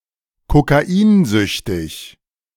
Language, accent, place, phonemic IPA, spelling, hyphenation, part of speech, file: German, Germany, Berlin, /kokaˈiːnˌzʏçtɪç/, kokainsüchtig, ko‧ka‧in‧süch‧tig, adjective, De-kokainsüchtig.ogg
- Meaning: addicted to cocaine